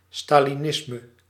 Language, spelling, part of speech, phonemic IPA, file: Dutch, stalinisme, noun, /ˌstaliˈnɪsmə/, Nl-stalinisme.ogg
- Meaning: Stalinism